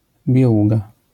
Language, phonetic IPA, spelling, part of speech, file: Polish, [bʲjɛˈwuɡa], bieługa, noun, LL-Q809 (pol)-bieługa.wav